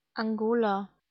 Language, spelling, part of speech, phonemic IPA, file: German, Angola, proper noun, /aŋˈɡoːlaː/, De-Angola.ogg
- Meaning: Angola (a country in Southern Africa)